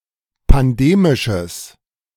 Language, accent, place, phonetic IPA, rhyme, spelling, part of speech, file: German, Germany, Berlin, [panˈdeːmɪʃəs], -eːmɪʃəs, pandemisches, adjective, De-pandemisches.ogg
- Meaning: strong/mixed nominative/accusative neuter singular of pandemisch